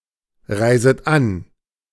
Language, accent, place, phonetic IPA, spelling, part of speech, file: German, Germany, Berlin, [ˌʁaɪ̯zət ˈan], reiset an, verb, De-reiset an.ogg
- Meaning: second-person plural subjunctive I of anreisen